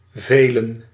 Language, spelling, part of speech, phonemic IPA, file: Dutch, velen, verb / pronoun, /ˈveːlə(n)/, Nl-velen.ogg
- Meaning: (verb) to endure, to bear; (pronoun) personal plural of veel and vele (“many”)